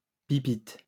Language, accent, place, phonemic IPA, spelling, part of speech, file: French, France, Lyon, /pi.pit/, pipit, noun, LL-Q150 (fra)-pipit.wav
- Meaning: pipit